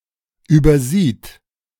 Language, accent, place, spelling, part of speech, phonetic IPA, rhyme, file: German, Germany, Berlin, übersieht, verb, [ˌyːbɐˈziːt], -iːt, De-übersieht.ogg
- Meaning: third-person singular present of übersehen